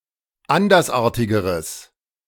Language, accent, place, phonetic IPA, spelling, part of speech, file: German, Germany, Berlin, [ˈandɐsˌʔaːɐ̯tɪɡəʁəs], andersartigeres, adjective, De-andersartigeres.ogg
- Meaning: strong/mixed nominative/accusative neuter singular comparative degree of andersartig